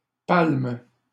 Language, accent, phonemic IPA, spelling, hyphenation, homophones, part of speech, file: French, Canada, /palm/, palme, palme, palment / palmes, noun / verb, LL-Q150 (fra)-palme.wav
- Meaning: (noun) 1. palm leaf: palm (attribute of a victor or (Christianity) martyr) 2. palm leaf: palm (prize) 3. palm leaf: flipper, fin, swim fin 4. synonym of palmier (“palm tree”)